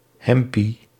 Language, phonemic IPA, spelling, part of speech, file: Dutch, /ˈɦɛm.pi/, hempie, noun, Nl-hempie.ogg
- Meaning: alternative form of hemdje